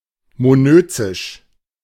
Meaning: monoecious
- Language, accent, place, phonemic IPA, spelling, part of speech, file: German, Germany, Berlin, /moˈnøː t͡sɪʃ/, monözisch, adjective, De-monözisch.ogg